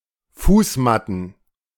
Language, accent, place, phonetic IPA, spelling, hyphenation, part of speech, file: German, Germany, Berlin, [ˈfuːsˌmatn̩], Fußmatten, Fuß‧mat‧ten, noun, De-Fußmatten.ogg
- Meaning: plural of Fußmatte